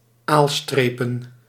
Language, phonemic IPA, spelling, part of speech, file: Dutch, /ˈalstrepə(n)/, aalstrepen, noun, Nl-aalstrepen.ogg
- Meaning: plural of aalstreep